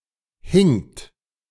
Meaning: second-person plural preterite of hängen
- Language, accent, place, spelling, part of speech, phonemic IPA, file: German, Germany, Berlin, hingt, verb, /hɪŋt/, De-hingt.ogg